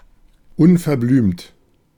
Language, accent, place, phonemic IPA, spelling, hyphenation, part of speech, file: German, Germany, Berlin, /ʊnfɛɐ̯ˈblyːmt/, unverblümt, un‧ver‧blümt, adjective, De-unverblümt.ogg
- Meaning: forthright, blunt, outspoken